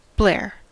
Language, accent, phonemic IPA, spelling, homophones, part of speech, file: English, General American, /blɛ(ə)ɹ/, blare, blair / Blair, verb / noun, En-us-blare.ogg
- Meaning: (verb) 1. To play (a radio, recorded music, etc.) at extremely loud volume levels 2. To express (ideas, words, etc.) loudly; to proclaim 3. To make a loud sound, especially like a trumpet